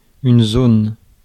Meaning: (noun) zone; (verb) inflection of zoner: 1. first/third-person singular present indicative/subjunctive 2. second-person singular imperative
- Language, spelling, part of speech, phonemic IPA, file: French, zone, noun / verb, /zon/, Fr-zone.ogg